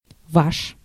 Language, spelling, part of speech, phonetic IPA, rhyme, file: Russian, ваш, pronoun, [vaʂ], -aʂ, Ru-ваш.ogg
- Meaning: your, yours (2nd-person singular formal or 2nd-person plural)